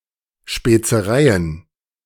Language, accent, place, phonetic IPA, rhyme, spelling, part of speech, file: German, Germany, Berlin, [ʃpeːt͡səˈʁaɪ̯ən], -aɪ̯ən, Spezereien, noun, De-Spezereien.ogg
- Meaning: plural of Spezerei